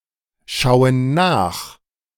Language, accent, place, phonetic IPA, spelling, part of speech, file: German, Germany, Berlin, [ˌʃaʊ̯ən ˈnaːx], schauen nach, verb, De-schauen nach.ogg
- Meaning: inflection of nachschauen: 1. first/third-person plural present 2. first/third-person plural subjunctive I